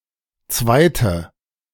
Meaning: 1. female equivalent of Zweiter: female runner-up 2. inflection of Zweiter: strong nominative/accusative plural 3. inflection of Zweiter: weak nominative singular
- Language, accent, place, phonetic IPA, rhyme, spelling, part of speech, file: German, Germany, Berlin, [ˈt͡svaɪ̯tə], -aɪ̯tə, Zweite, noun, De-Zweite.ogg